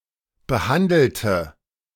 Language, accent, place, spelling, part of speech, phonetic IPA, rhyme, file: German, Germany, Berlin, behandelte, adjective / verb, [bəˈhandl̩tə], -andl̩tə, De-behandelte.ogg
- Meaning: inflection of behandelt: 1. strong/mixed nominative/accusative feminine singular 2. strong nominative/accusative plural 3. weak nominative all-gender singular